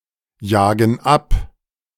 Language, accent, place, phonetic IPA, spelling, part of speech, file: German, Germany, Berlin, [ˌjaːɡn̩ ˈap], jagen ab, verb, De-jagen ab.ogg
- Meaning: inflection of abjagen: 1. first/third-person plural present 2. first/third-person plural subjunctive I